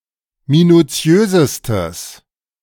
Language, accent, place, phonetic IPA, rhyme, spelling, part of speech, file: German, Germany, Berlin, [minuˈt͡si̯øːzəstəs], -øːzəstəs, minutiösestes, adjective, De-minutiösestes.ogg
- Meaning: strong/mixed nominative/accusative neuter singular superlative degree of minutiös